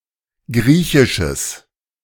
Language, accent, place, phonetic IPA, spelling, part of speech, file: German, Germany, Berlin, [ˈɡʁiːçɪʃəs], griechisches, adjective, De-griechisches.ogg
- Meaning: strong/mixed nominative/accusative neuter singular of griechisch